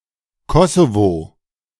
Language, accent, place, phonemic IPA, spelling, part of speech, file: German, Germany, Berlin, /ˈkɔsovo/, Kosovo, proper noun, De-Kosovo.ogg
- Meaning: Kosovo (a partly-recognized country on the Balkan Peninsula in Southeastern Europe)